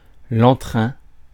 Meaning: spirit, liveliness, vivacity, drive
- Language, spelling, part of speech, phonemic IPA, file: French, entrain, noun, /ɑ̃.tʁɛ̃/, Fr-entrain.ogg